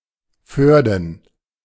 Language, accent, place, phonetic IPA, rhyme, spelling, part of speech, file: German, Germany, Berlin, [ˈføːɐ̯dn̩], -øːɐ̯dn̩, Förden, noun, De-Förden.ogg
- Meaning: plural of Förde